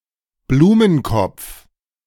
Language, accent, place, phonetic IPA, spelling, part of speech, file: German, Germany, Berlin, [ˈbluːmənˌkɔp͡f], Blumenkopf, noun, De-Blumenkopf.ogg
- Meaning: a surname